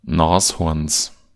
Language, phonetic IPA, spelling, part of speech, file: German, [ˈnaːsˌhɔʁns], Nashorns, noun, De-Nashorns.ogg
- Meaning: genitive singular of Nashorn